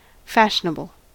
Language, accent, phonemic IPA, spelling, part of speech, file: English, US, /ˈfæʃənəbl̩/, fashionable, adjective / noun, En-us-fashionable.ogg
- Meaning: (adjective) 1. Characteristic of or influenced by a current popular trend or style; in fashion; in vogue 2. Established or favoured by custom or use; current; prevailing at a particular time